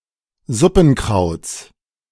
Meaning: genitive singular of Suppenkraut
- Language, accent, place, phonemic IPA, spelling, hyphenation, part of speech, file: German, Germany, Berlin, /ˈzʊpn̩ˌkʀaʊ̯t͡s/, Suppenkrauts, Sup‧pen‧krauts, noun, De-Suppenkrauts.ogg